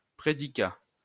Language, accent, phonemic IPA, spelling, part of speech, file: French, France, /pʁe.di.ka/, prédicat, noun, LL-Q150 (fra)-prédicat.wav
- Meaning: predicate (all meanings)